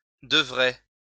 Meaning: first-person singular future of devoir
- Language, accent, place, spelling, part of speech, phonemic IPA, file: French, France, Lyon, devrai, verb, /də.vʁe/, LL-Q150 (fra)-devrai.wav